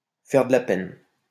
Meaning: to upset, to hurt, to pain, to hurt (someone's) feelings
- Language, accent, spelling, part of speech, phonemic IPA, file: French, France, faire de la peine, verb, /fɛʁ də la pɛn/, LL-Q150 (fra)-faire de la peine.wav